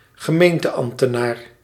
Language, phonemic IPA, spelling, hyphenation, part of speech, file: Dutch, /ɣəˈmeːn.təˌɑm(p).tə.naːr/, gemeenteambtenaar, ge‧meen‧te‧amb‧te‧naar, noun, Nl-gemeenteambtenaar.ogg
- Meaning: municipal official, municipal public servant